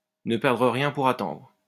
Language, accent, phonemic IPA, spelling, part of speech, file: French, France, /nə pɛʁ.dʁə ʁjɛ̃ puʁ a.tɑ̃dʁ/, ne perdre rien pour attendre, verb, LL-Q150 (fra)-ne perdre rien pour attendre.wav